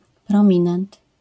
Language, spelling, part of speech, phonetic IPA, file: Polish, prominent, noun, [prɔ̃ˈmʲĩnɛ̃nt], LL-Q809 (pol)-prominent.wav